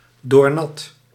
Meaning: drenched, thoroughly wet, wet through and through
- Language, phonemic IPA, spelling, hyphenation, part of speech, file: Dutch, /ˌdoːrˈnɑt/, doornat, door‧nat, adjective, Nl-doornat.ogg